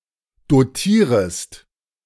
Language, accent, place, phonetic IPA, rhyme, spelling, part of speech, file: German, Germany, Berlin, [doˈtiːʁəst], -iːʁəst, dotierest, verb, De-dotierest.ogg
- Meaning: second-person singular subjunctive I of dotieren